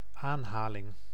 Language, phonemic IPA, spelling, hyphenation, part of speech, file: Dutch, /ˈaːnˌɦaː.lɪŋ/, aanhaling, aan‧ha‧ling, noun, Nl-aanhaling.ogg
- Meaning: 1. quote, citation 2. act of petting (an animal) 3. (temporary) confiscation, seizure